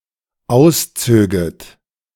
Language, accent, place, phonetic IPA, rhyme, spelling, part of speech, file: German, Germany, Berlin, [ˈaʊ̯sˌt͡søːɡət], -aʊ̯st͡søːɡət, auszöget, verb, De-auszöget.ogg
- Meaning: second-person plural dependent subjunctive II of ausziehen